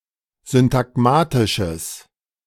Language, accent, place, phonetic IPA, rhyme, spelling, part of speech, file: German, Germany, Berlin, [zʏntaˈɡmaːtɪʃəs], -aːtɪʃəs, syntagmatisches, adjective, De-syntagmatisches.ogg
- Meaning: strong/mixed nominative/accusative neuter singular of syntagmatisch